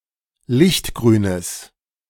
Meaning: strong/mixed nominative/accusative neuter singular of lichtgrün
- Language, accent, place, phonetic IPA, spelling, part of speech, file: German, Germany, Berlin, [ˈlɪçtˌɡʁyːnəs], lichtgrünes, adjective, De-lichtgrünes.ogg